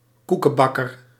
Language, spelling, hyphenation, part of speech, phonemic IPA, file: Dutch, koekenbakker, koe‧ken‧bak‧ker, noun, /ˈku.kə(n)ˌbɑ.kər/, Nl-koekenbakker.ogg
- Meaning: 1. cake baker 2. bungler